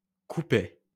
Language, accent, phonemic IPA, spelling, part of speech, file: French, France, /ku.pɛ/, coupaient, verb, LL-Q150 (fra)-coupaient.wav
- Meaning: third-person plural imperfect indicative of couper